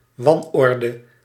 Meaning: disorder, chaos
- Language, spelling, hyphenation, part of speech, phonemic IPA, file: Dutch, wanorde, wan‧or‧de, noun, /ˈʋɑnˌɔrdə/, Nl-wanorde.ogg